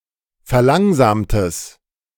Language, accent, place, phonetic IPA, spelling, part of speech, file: German, Germany, Berlin, [fɛɐ̯ˈlaŋzaːmtəs], verlangsamtes, adjective, De-verlangsamtes.ogg
- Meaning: strong/mixed nominative/accusative neuter singular of verlangsamt